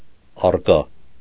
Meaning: present
- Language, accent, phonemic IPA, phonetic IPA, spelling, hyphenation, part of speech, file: Armenian, Eastern Armenian, /ɑrˈkɑ/, [ɑrkɑ́], առկա, առ‧կա, adjective, Hy-առկա.ogg